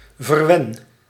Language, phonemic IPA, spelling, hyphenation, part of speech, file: Dutch, /vərˈʋɛn/, verwen, ver‧wen, verb, Nl-verwen.ogg
- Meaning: inflection of verwennen: 1. first-person singular present indicative 2. second-person singular present indicative 3. imperative